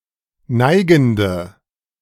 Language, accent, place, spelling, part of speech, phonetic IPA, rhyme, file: German, Germany, Berlin, neigende, adjective, [ˈnaɪ̯ɡn̩də], -aɪ̯ɡn̩də, De-neigende.ogg
- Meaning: inflection of neigend: 1. strong/mixed nominative/accusative feminine singular 2. strong nominative/accusative plural 3. weak nominative all-gender singular 4. weak accusative feminine/neuter singular